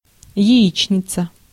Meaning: omelette or otherwise fried egg
- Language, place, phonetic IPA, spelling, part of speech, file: Russian, Saint Petersburg, [(j)ɪˈit͡ɕnʲɪt͡sə], яичница, noun, Ru-яичница.ogg